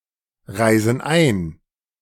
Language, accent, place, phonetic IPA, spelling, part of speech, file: German, Germany, Berlin, [ˌʁaɪ̯zn̩ ˈaɪ̯n], reisen ein, verb, De-reisen ein.ogg
- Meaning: inflection of einreisen: 1. first/third-person plural present 2. first/third-person plural subjunctive I